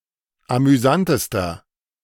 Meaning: inflection of amüsant: 1. strong/mixed nominative masculine singular superlative degree 2. strong genitive/dative feminine singular superlative degree 3. strong genitive plural superlative degree
- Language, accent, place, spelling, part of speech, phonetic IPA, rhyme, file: German, Germany, Berlin, amüsantester, adjective, [amyˈzantəstɐ], -antəstɐ, De-amüsantester.ogg